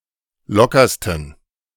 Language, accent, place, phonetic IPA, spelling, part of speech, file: German, Germany, Berlin, [ˈlɔkɐstn̩], lockersten, adjective, De-lockersten.ogg
- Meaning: 1. superlative degree of locker 2. inflection of locker: strong genitive masculine/neuter singular superlative degree